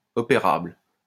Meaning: operable
- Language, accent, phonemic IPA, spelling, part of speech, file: French, France, /ɔ.pe.ʁabl/, opérable, adjective, LL-Q150 (fra)-opérable.wav